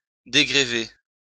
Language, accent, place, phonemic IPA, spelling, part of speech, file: French, France, Lyon, /de.ɡʁə.ve/, dégrever, verb, LL-Q150 (fra)-dégrever.wav
- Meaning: 1. to unburden 2. to take a weight off (someone's shoulders)